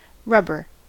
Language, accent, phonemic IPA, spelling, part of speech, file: English, US, /ˈɹʌbɚ/, rubber, noun / adjective / verb, En-us-rubber.ogg
- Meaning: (noun) Pliable material derived from the sap of the rubber tree; a hydrocarbon biopolymer of isoprene